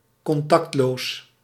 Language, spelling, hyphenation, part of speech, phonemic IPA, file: Dutch, contactloos, con‧tact‧loos, adjective, /kɔnˈtɑktˌloːs/, Nl-contactloos.ogg
- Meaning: contactless, without (physical) contact